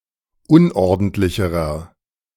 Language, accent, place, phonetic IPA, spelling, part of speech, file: German, Germany, Berlin, [ˈʊnʔɔʁdn̩tlɪçəʁɐ], unordentlicherer, adjective, De-unordentlicherer.ogg
- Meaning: inflection of unordentlich: 1. strong/mixed nominative masculine singular comparative degree 2. strong genitive/dative feminine singular comparative degree 3. strong genitive plural comparative degree